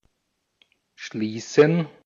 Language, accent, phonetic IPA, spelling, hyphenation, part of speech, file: German, Austria, [ˈʃliːsɛn], schließen, schlie‧ßen, verb, De-at-schließen.ogg
- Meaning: 1. to shut; to close; to shut down 2. to lock 3. to conclude; to end; to close 4. to come to (an agreement); to enter into (a relationship); to reach (a settlement)